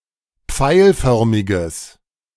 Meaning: strong/mixed nominative/accusative neuter singular of pfeilförmig
- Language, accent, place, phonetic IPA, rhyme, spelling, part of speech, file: German, Germany, Berlin, [ˈp͡faɪ̯lˌfœʁmɪɡəs], -aɪ̯lfœʁmɪɡəs, pfeilförmiges, adjective, De-pfeilförmiges.ogg